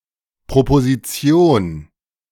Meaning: 1. proposition 2. proposal
- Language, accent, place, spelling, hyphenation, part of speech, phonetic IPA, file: German, Germany, Berlin, Proposition, Pro‧po‧si‧ti‧on, noun, [pʁopoziˈt͡si̯oːn], De-Proposition.ogg